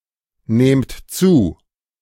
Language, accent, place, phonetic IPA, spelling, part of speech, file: German, Germany, Berlin, [ˌneːmt ˈt͡suː], nehmt zu, verb, De-nehmt zu.ogg
- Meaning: inflection of zunehmen: 1. second-person plural present 2. plural imperative